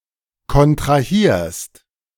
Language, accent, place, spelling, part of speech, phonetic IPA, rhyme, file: German, Germany, Berlin, kontrahierst, verb, [kɔntʁaˈhiːɐ̯st], -iːɐ̯st, De-kontrahierst.ogg
- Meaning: second-person singular present of kontrahieren